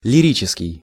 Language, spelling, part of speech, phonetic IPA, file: Russian, лирический, adjective, [lʲɪˈrʲit͡ɕɪskʲɪj], Ru-лирический.ogg
- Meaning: lyrical